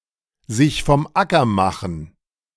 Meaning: to clear off, to scram
- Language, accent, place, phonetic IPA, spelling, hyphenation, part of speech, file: German, Germany, Berlin, [ˌzɪç fɔm ˈʔakɐ ˌmaχn̩], sich vom Acker machen, sich vom Acker ma‧chen, verb, De-sich vom Acker machen.ogg